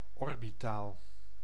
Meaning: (adjective) 1. orbital, concerning a circulating object's orbit 2. orbital, of or relating to the eye socket (eyehole)); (noun) orbital
- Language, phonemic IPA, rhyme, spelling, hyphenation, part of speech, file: Dutch, /ɔr.biˈtaːl/, -aːl, orbitaal, or‧bi‧taal, adjective / noun, Nl-orbitaal.ogg